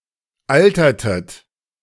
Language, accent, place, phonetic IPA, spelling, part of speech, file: German, Germany, Berlin, [ˈaltɐtət], altertet, verb, De-altertet.ogg
- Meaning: inflection of altern: 1. second-person plural preterite 2. second-person plural subjunctive II